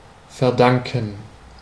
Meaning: to owe, to attribute to
- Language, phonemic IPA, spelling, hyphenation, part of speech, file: German, /fɛʁˈdaŋkən/, verdanken, ver‧dan‧ken, verb, De-verdanken.ogg